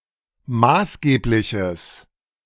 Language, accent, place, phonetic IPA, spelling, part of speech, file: German, Germany, Berlin, [ˈmaːsˌɡeːplɪçəs], maßgebliches, adjective, De-maßgebliches.ogg
- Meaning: strong/mixed nominative/accusative neuter singular of maßgeblich